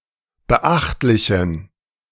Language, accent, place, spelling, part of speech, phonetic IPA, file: German, Germany, Berlin, beachtlichen, adjective, [bəˈʔaxtlɪçn̩], De-beachtlichen.ogg
- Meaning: inflection of beachtlich: 1. strong genitive masculine/neuter singular 2. weak/mixed genitive/dative all-gender singular 3. strong/weak/mixed accusative masculine singular 4. strong dative plural